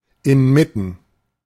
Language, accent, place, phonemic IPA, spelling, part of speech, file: German, Germany, Berlin, /ɪnˈmɪtn̩/, inmitten, preposition / adjective, De-inmitten.ogg
- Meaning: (preposition) amid; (adjective) in the middle